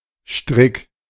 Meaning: 1. fairly short rope or cord, usually for binding something 2. the rope used in hanging someone (often for English noose, but referring to the rope, not the loop, which is Schlinge)
- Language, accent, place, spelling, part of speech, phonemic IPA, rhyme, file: German, Germany, Berlin, Strick, noun, /ʃtʁɪk/, -ɪk, De-Strick.ogg